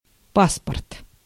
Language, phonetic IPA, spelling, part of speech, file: Russian, [ˈpaspərt], паспорт, noun, Ru-паспорт.ogg
- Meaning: 1. passport 2. ID card (Russia) 3. certificate, manual